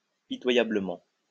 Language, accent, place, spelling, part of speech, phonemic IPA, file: French, France, Lyon, pitoyablement, adverb, /pi.twa.ja.blə.mɑ̃/, LL-Q150 (fra)-pitoyablement.wav
- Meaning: 1. pitifully, pitiably 2. pathetically